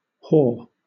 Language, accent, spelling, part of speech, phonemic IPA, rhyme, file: English, Southern England, haw, interjection / verb / noun, /hɔː/, -ɔː, LL-Q1860 (eng)-haw.wav
- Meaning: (interjection) An imitation of laughter, often used to express scorn or disbelief. Often doubled or tripled (haw haw or haw haw haw)